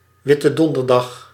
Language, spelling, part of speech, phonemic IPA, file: Dutch, Witte Donderdag, proper noun, /ˌʋɪ.tə ˈdɔn.dər.dɑx/, Nl-Witte Donderdag.ogg
- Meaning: Maundy Thursday